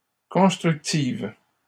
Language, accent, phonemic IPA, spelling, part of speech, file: French, Canada, /kɔ̃s.tʁyk.tiv/, constructives, adjective, LL-Q150 (fra)-constructives.wav
- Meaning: feminine plural of constructif